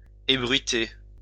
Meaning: to divulge, disclose, spread, let the word out, make public
- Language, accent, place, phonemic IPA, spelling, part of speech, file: French, France, Lyon, /e.bʁɥi.te/, ébruiter, verb, LL-Q150 (fra)-ébruiter.wav